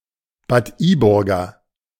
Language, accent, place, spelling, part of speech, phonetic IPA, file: German, Germany, Berlin, Bad Iburger, adjective, [baːt ˈiːˌbʊʁɡɐ], De-Bad Iburger.ogg
- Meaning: of Bad Iburg